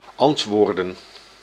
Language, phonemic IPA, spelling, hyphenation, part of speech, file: Dutch, /ˈɑntʋoːrdə(n)/, antwoorden, ant‧woor‧den, verb / noun, Nl-antwoorden.ogg
- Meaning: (verb) to answer, reply; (noun) plural of antwoord